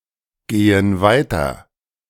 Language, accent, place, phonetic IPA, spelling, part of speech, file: German, Germany, Berlin, [ˌɡeːən ˈvaɪ̯tɐ], gehen weiter, verb, De-gehen weiter.ogg
- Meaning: inflection of weitergehen: 1. first/third-person plural present 2. first/third-person plural subjunctive I